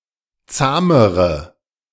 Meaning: inflection of zahm: 1. strong/mixed nominative/accusative feminine singular comparative degree 2. strong nominative/accusative plural comparative degree
- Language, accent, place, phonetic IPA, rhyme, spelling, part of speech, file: German, Germany, Berlin, [ˈt͡saːməʁə], -aːməʁə, zahmere, adjective, De-zahmere.ogg